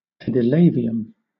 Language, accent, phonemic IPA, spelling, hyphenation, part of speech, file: English, Southern England, /pɛ.dɪˈleɪ.vɪ.əm/, pedilavium, ped‧i‧la‧vi‧um, noun, LL-Q1860 (eng)-pedilavium.wav